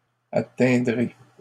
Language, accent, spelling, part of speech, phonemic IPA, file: French, Canada, atteindrez, verb, /a.tɛ̃.dʁe/, LL-Q150 (fra)-atteindrez.wav
- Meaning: second-person plural future of atteindre